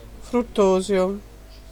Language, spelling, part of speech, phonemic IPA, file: Italian, fruttosio, noun, /frutˈtɔzjo/, It-fruttosio.ogg